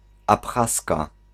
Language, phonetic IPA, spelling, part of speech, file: Polish, [apˈxaska], Abchazka, noun, Pl-Abchazka.ogg